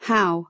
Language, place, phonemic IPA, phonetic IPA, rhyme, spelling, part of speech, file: English, California, /haʊ/, [həu̯], -aʊ, how, adverb / conjunction / interjection / noun, En-us-how.ogg
- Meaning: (adverb) 1. To what degree or extent 2. In what manner 3. In what manner: By what means 4. In what manner: With overtones of why, for what reason